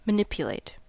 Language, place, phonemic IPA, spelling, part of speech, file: English, California, /məˈnɪp.jə.leɪt/, manipulate, verb, En-us-manipulate.ogg
- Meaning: 1. To move, arrange or operate something using the hands 2. To influence, manage, direct, control or tamper with something